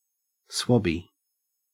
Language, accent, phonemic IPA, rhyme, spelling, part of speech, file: English, Australia, /ˈswɒbi/, -ɒbi, swabby, noun, En-au-swabby.ogg
- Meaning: A sailor